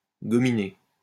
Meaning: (verb) past participle of gominer; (adjective) slicked-down
- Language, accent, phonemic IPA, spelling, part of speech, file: French, France, /ɡɔ.mi.ne/, gominé, verb / adjective, LL-Q150 (fra)-gominé.wav